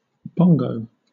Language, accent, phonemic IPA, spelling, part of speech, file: English, Southern England, /ˈbɒŋ.ɡəʊ/, bongo, noun / verb, LL-Q1860 (eng)-bongo.wav
- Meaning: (noun) 1. A striped bovine mammal found in Africa, Tragelaphus eurycerus 2. Either of a pair of small drums of Cuban origin, played by beating with the hands; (verb) To play the bongo drums